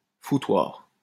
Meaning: 1. brothel 2. mess, shambles
- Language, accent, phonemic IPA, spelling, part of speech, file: French, France, /fu.twaʁ/, foutoir, noun, LL-Q150 (fra)-foutoir.wav